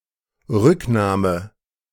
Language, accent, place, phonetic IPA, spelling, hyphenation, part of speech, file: German, Germany, Berlin, [ˈʁʏkˌnaːmə], Rücknahme, Rück‧nah‧me, noun, De-Rücknahme.ogg
- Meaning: 1. taking back, repurchase 2. retraction 3. abandonment, withdrawal